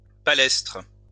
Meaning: palestra
- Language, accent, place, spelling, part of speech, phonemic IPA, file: French, France, Lyon, palestre, noun, /pa.lɛstʁ/, LL-Q150 (fra)-palestre.wav